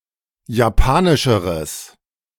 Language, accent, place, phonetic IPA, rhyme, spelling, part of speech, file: German, Germany, Berlin, [jaˈpaːnɪʃəʁəs], -aːnɪʃəʁəs, japanischeres, adjective, De-japanischeres.ogg
- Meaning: strong/mixed nominative/accusative neuter singular comparative degree of japanisch